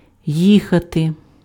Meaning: to go (by vehicle), to drive, to ride
- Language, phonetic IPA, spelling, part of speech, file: Ukrainian, [ˈjixɐte], їхати, verb, Uk-їхати.ogg